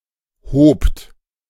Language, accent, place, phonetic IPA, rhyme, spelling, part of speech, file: German, Germany, Berlin, [hoːpt], -oːpt, hobt, verb, De-hobt.ogg
- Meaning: second-person plural preterite of heben